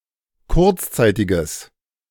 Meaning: strong/mixed nominative/accusative neuter singular of kurzzeitig
- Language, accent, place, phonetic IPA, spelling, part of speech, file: German, Germany, Berlin, [ˈkʊʁt͡sˌt͡saɪ̯tɪɡəs], kurzzeitiges, adjective, De-kurzzeitiges.ogg